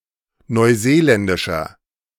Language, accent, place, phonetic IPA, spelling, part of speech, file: German, Germany, Berlin, [nɔɪ̯ˈzeːˌlɛndɪʃɐ], neuseeländischer, adjective, De-neuseeländischer.ogg
- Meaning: inflection of neuseeländisch: 1. strong/mixed nominative masculine singular 2. strong genitive/dative feminine singular 3. strong genitive plural